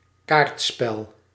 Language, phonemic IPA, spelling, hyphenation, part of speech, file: Dutch, /ˈkaːrtspɛl/, kaartspel, kaart‧spel, noun, Nl-kaartspel.ogg
- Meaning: card game